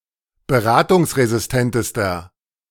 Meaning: inflection of beratungsresistent: 1. strong/mixed nominative masculine singular superlative degree 2. strong genitive/dative feminine singular superlative degree
- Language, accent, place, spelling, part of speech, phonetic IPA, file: German, Germany, Berlin, beratungsresistentester, adjective, [bəˈʁaːtʊŋsʁezɪsˌtɛntəstɐ], De-beratungsresistentester.ogg